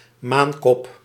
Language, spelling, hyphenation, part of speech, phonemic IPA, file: Dutch, maankop, maan‧kop, noun, /ˈmaːn.kɔp/, Nl-maankop.ogg
- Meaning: 1. a poppy, any of several plants of genus Papaver 2. the opium poppy (Papaver somniferum) 3. the hairless seedbox of certain poppies 4. any of several opiate narcotic drugs made from the opium poppy